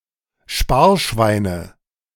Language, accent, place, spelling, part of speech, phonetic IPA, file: German, Germany, Berlin, Sparschweine, noun, [ˈʃpaːɐ̯ʃvaɪ̯nə], De-Sparschweine.ogg
- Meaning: nominative/accusative/genitive plural of Sparschwein